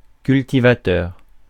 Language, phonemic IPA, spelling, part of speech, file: French, /kyl.ti.va.tœʁ/, cultivateur, noun, Fr-cultivateur.ogg
- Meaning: cultivator